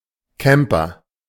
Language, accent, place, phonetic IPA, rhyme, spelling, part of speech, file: German, Germany, Berlin, [ˈkɛmpɐ], -ɛmpɐ, Camper, noun, De-Camper.ogg
- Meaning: 1. camper (a person who camps, especially in a tent etc) 2. camper (a person who stays in one spot during a first-person shooting game, to guard an item etc.)